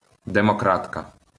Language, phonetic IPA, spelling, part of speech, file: Ukrainian, [demɔˈkratkɐ], демократка, noun, LL-Q8798 (ukr)-демократка.wav
- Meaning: female equivalent of демокра́т (demokrát): democrat